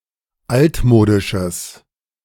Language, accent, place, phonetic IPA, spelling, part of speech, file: German, Germany, Berlin, [ˈaltˌmoːdɪʃəs], altmodisches, adjective, De-altmodisches.ogg
- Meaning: strong/mixed nominative/accusative neuter singular of altmodisch